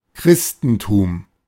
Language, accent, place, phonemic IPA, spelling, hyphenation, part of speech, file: German, Germany, Berlin, /ˈkʁɪstn̩tuːm/, Christentum, Chris‧ten‧tum, noun, De-Christentum.ogg
- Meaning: 1. Christendom 2. Christianity